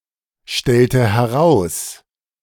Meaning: inflection of herausstellen: 1. first/third-person singular preterite 2. first/third-person singular subjunctive II
- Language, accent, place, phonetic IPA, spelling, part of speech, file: German, Germany, Berlin, [ˌʃtɛltə hɛˈʁaʊ̯s], stellte heraus, verb, De-stellte heraus.ogg